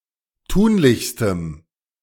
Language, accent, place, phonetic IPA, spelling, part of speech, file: German, Germany, Berlin, [ˈtuːnlɪçstəm], tunlichstem, adjective, De-tunlichstem.ogg
- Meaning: strong dative masculine/neuter singular superlative degree of tunlich